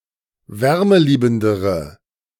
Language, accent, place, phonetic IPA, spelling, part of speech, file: German, Germany, Berlin, [ˈvɛʁməˌliːbn̩dəʁə], wärmeliebendere, adjective, De-wärmeliebendere.ogg
- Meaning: inflection of wärmeliebend: 1. strong/mixed nominative/accusative feminine singular comparative degree 2. strong nominative/accusative plural comparative degree